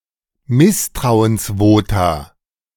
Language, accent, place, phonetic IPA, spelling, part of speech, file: German, Germany, Berlin, [ˈmɪstʁaʊ̯ənsˌvoːta], Misstrauensvota, noun, De-Misstrauensvota.ogg
- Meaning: plural of Misstrauensvotum